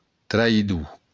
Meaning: traitor
- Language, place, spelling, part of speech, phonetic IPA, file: Occitan, Béarn, traïdor, noun, [traiˈðu], LL-Q14185 (oci)-traïdor.wav